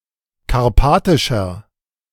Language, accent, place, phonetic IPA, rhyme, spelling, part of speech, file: German, Germany, Berlin, [kaʁˈpaːtɪʃɐ], -aːtɪʃɐ, karpatischer, adjective, De-karpatischer.ogg
- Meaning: inflection of karpatisch: 1. strong/mixed nominative masculine singular 2. strong genitive/dative feminine singular 3. strong genitive plural